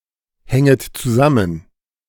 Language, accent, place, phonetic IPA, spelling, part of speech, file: German, Germany, Berlin, [ˌhɛŋət t͡suˈzamən], hänget zusammen, verb, De-hänget zusammen.ogg
- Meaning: second-person plural subjunctive I of zusammenhängen